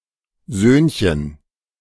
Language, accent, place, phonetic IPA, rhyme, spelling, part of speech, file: German, Germany, Berlin, [ˈzøːnçən], -øːnçən, Söhnchen, noun, De-Söhnchen.ogg
- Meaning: diminutive of Sohn